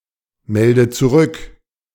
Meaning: inflection of zurückmelden: 1. first-person singular present 2. first/third-person singular subjunctive I 3. singular imperative
- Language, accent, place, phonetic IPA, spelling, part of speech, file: German, Germany, Berlin, [ˌmɛldə t͡suˈʁʏk], melde zurück, verb, De-melde zurück.ogg